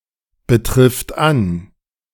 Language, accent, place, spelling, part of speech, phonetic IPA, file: German, Germany, Berlin, betrifft an, verb, [bəˌtʁɪft ˈan], De-betrifft an.ogg
- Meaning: third-person singular present of anbetreffen